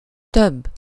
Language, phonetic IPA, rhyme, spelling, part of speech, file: Hungarian, [ˈtøbː], -øbː, több, numeral / adjective / noun, Hu-több.ogg
- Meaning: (numeral) 1. comparative degree of sok: more (relative sense) 2. several, multiple (absolute sense); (adjective) older (followed by -nál/-nél)